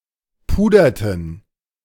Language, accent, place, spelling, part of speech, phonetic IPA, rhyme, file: German, Germany, Berlin, puderten, verb, [ˈpuːdɐtn̩], -uːdɐtn̩, De-puderten.ogg
- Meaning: inflection of pudern: 1. first/third-person plural preterite 2. first/third-person plural subjunctive II